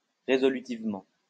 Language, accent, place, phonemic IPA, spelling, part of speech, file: French, France, Lyon, /ʁe.zɔ.ly.tiv.mɑ̃/, résolutivement, adverb, LL-Q150 (fra)-résolutivement.wav
- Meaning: resolutively